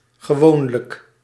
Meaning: usually, normally
- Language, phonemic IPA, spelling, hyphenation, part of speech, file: Dutch, /ɣəˈʋoːn.lək/, gewoonlijk, ge‧woon‧lijk, adverb, Nl-gewoonlijk.ogg